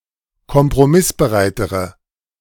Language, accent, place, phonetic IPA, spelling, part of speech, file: German, Germany, Berlin, [kɔmpʁoˈmɪsbəˌʁaɪ̯təʁə], kompromissbereitere, adjective, De-kompromissbereitere.ogg
- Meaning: inflection of kompromissbereit: 1. strong/mixed nominative/accusative feminine singular comparative degree 2. strong nominative/accusative plural comparative degree